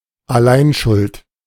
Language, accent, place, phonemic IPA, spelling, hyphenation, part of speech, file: German, Germany, Berlin, /aˈlaɪ̯nˌʃʊlt/, Alleinschuld, Al‧lein‧schuld, noun, De-Alleinschuld.ogg
- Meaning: sole guilt